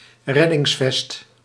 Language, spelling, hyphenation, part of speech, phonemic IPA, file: Dutch, reddingsvest, red‧dings‧vest, noun, /ˈrɛ.dɪŋsˌfɛst/, Nl-reddingsvest.ogg
- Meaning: life vest